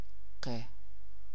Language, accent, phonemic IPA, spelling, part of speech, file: Persian, Iran, /qɒːf/, ق, character, Fa-ق.ogg
- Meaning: The twenty-fourth letter of the Persian alphabet, called قاف and written in the Arabic script; preceded by ف and followed by ک